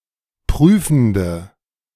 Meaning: inflection of prüfend: 1. strong/mixed nominative/accusative feminine singular 2. strong nominative/accusative plural 3. weak nominative all-gender singular 4. weak accusative feminine/neuter singular
- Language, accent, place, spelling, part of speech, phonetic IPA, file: German, Germany, Berlin, prüfende, adjective, [ˈpʁyːfn̩də], De-prüfende.ogg